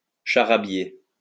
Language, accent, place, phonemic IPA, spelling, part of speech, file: French, France, Lyon, /ʃa.ʁa.bje/, charabier, verb, LL-Q150 (fra)-charabier.wav
- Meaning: to talk gobbledygook, to babble